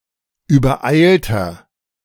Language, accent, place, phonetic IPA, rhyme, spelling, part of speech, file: German, Germany, Berlin, [yːbɐˈʔaɪ̯ltɐ], -aɪ̯ltɐ, übereilter, adjective, De-übereilter.ogg
- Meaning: 1. comparative degree of übereilt 2. inflection of übereilt: strong/mixed nominative masculine singular 3. inflection of übereilt: strong genitive/dative feminine singular